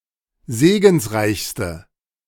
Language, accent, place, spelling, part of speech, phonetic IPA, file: German, Germany, Berlin, segensreichste, adjective, [ˈzeːɡn̩sˌʁaɪ̯çstə], De-segensreichste.ogg
- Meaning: inflection of segensreich: 1. strong/mixed nominative/accusative feminine singular superlative degree 2. strong nominative/accusative plural superlative degree